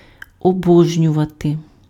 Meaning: 1. to apotheosize, to deify, to divinize 2. to adore, to love, to worship
- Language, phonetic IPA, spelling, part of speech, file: Ukrainian, [ɔˈbɔʒnʲʊʋɐte], обожнювати, verb, Uk-обожнювати.ogg